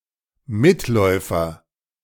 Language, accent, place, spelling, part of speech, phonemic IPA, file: German, Germany, Berlin, Mitläufer, noun, /mɪtˈlɔɪ̯fɐ/, De-Mitläufer.ogg
- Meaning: fellow traveller; a passive follower; one who is a member of a group but does nothing to further its aims